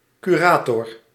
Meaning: 1. curator, one who manages a collection 2. curator, one who manages an estate 3. liquidator appointed by a judge after bankruptcy
- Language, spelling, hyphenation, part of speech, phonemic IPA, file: Dutch, curator, cu‧ra‧tor, noun, /ˌkyˈraː.tɔr/, Nl-curator.ogg